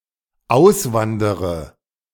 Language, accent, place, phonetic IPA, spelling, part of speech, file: German, Germany, Berlin, [ˈaʊ̯sˌvandəʁə], auswandere, verb, De-auswandere.ogg
- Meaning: inflection of auswandern: 1. first-person singular dependent present 2. first/third-person singular dependent subjunctive I